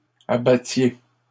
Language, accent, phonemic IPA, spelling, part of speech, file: French, Canada, /a.ba.tje/, abattiez, verb, LL-Q150 (fra)-abattiez.wav
- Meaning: inflection of abattre: 1. second-person plural imperfect indicative 2. second-person plural present subjunctive